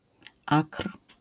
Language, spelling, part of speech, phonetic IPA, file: Polish, akr, noun, [akr̥], LL-Q809 (pol)-akr.wav